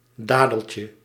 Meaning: diminutive of dadel
- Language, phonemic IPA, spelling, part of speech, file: Dutch, /ˈdadəlcə/, dadeltje, noun, Nl-dadeltje.ogg